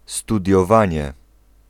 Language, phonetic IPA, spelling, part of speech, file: Polish, [ˌstudʲjɔˈvãɲɛ], studiowanie, noun, Pl-studiowanie.ogg